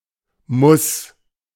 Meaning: necessity, a must
- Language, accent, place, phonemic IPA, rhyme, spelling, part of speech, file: German, Germany, Berlin, /mʊs/, -ʊs, Muss, noun, De-Muss.ogg